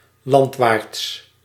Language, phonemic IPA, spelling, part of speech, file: Dutch, /ˈlɑntwarts/, landwaarts, adverb, Nl-landwaarts.ogg
- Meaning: landwards